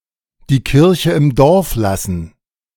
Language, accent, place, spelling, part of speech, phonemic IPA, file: German, Germany, Berlin, die Kirche im Dorf lassen, verb, /diː ˌkɪʁçə ɪm ˈdɔʁf ˌlasn̩/, De-die Kirche im Dorf lassen.ogg
- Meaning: to avoid exaggerating; not to get carried away